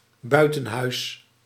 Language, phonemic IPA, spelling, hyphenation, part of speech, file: Dutch, /ˈbœy̯.tə(n)ˌɦœy̯s/, buitenhuis, bui‧ten‧huis, noun, Nl-buitenhuis.ogg
- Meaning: 1. a country house 2. a house or other building located outside the city walls